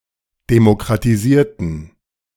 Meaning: inflection of demokratisieren: 1. first/third-person plural preterite 2. first/third-person plural subjunctive II
- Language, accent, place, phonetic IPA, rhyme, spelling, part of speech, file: German, Germany, Berlin, [demokʁatiˈziːɐ̯tn̩], -iːɐ̯tn̩, demokratisierten, adjective / verb, De-demokratisierten.ogg